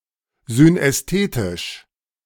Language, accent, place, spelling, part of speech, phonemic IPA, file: German, Germany, Berlin, synästhetisch, adjective, /zynɛsˈteːtɪʃ/, De-synästhetisch.ogg
- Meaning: synesthetic